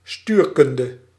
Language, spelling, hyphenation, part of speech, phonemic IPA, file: Dutch, stuurkunde, stuur‧kun‧de, noun, /ˈstyːrˌkʏn.də/, Nl-stuurkunde.ogg
- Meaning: cybernetics